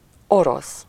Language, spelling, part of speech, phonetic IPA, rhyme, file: Hungarian, orosz, adjective / noun, [ˈoros], -os, Hu-orosz.ogg
- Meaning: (adjective) 1. Russian (of or relating to Russia, its people or language) 2. Slovak (19th century); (noun) 1. Russian (person) 2. Russian (language) 3. Russian (as a school subject)